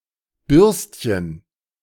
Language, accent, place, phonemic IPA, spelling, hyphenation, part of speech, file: German, Germany, Berlin, /ˈbʏʁstçən/, Bürstchen, Bürst‧chen, noun, De-Bürstchen.ogg
- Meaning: diminutive of Bürste